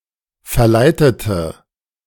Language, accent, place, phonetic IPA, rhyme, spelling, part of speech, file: German, Germany, Berlin, [fɛɐ̯ˈlaɪ̯tətə], -aɪ̯tətə, verleitete, adjective / verb, De-verleitete.ogg
- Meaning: inflection of verleiten: 1. first/third-person singular preterite 2. first/third-person singular subjunctive II